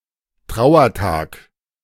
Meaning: day of mourning
- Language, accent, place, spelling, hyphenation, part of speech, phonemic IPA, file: German, Germany, Berlin, Trauertag, Trau‧er‧tag, noun, /ˈtʁaʊ̯ɐˌtaːk/, De-Trauertag.ogg